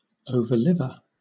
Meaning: A survivor
- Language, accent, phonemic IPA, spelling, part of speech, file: English, Southern England, /ˌəʊvə(ɹ)ˈlɪvə(ɹ)/, overliver, noun, LL-Q1860 (eng)-overliver.wav